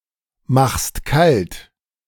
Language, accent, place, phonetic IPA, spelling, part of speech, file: German, Germany, Berlin, [ˌmaxst ˈkalt], machst kalt, verb, De-machst kalt.ogg
- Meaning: second-person singular present of kaltmachen